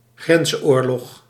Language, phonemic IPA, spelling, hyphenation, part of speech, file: Dutch, /ˈɣrɛns.oːrˌlɔx/, grensoorlog, grens‧oor‧log, noun, Nl-grensoorlog.ogg
- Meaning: a border war (war at and/or about borders)